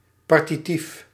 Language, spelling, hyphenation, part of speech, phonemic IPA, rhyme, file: Dutch, partitief, par‧ti‧tief, adjective / noun, /ˌpɑr.tiˈtif/, -if, Nl-partitief.ogg
- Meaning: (adjective) partitive; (noun) partitive (partitive case, partitive construction)